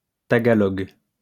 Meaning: Tagalog (language)
- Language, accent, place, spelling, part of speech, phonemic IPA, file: French, France, Lyon, tagalog, noun, /ta.ɡa.lɔɡ/, LL-Q150 (fra)-tagalog.wav